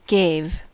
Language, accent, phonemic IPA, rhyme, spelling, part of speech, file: English, US, /ɡeɪv/, -eɪv, gave, verb, En-us-gave.ogg
- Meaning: 1. simple past of give 2. past participle of give